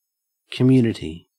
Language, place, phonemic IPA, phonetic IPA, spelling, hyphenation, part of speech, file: English, Queensland, /kəˈmjʉːnɪ.ti/, [kəˈmjʉː.nɪ.ɾi], community, com‧mun‧i‧ty, noun, En-au-community.ogg
- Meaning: 1. A group sharing common characteristics, such as the same language, law, religion, or tradition 2. A residential or religious collective; a commune